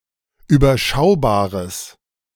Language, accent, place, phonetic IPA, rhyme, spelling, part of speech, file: German, Germany, Berlin, [yːbɐˈʃaʊ̯baːʁəs], -aʊ̯baːʁəs, überschaubares, adjective, De-überschaubares.ogg
- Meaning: strong/mixed nominative/accusative neuter singular of überschaubar